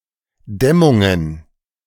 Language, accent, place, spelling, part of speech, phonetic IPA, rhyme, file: German, Germany, Berlin, Dämmungen, noun, [ˈdɛmʊŋən], -ɛmʊŋən, De-Dämmungen.ogg
- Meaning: plural of Dämmung